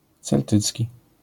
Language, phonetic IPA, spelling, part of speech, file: Polish, [t͡sɛlˈtɨt͡sʲci], celtycki, adjective / noun, LL-Q809 (pol)-celtycki.wav